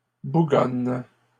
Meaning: second-person singular present indicative/subjunctive of bougonner
- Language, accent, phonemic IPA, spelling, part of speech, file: French, Canada, /bu.ɡɔn/, bougonnes, verb, LL-Q150 (fra)-bougonnes.wav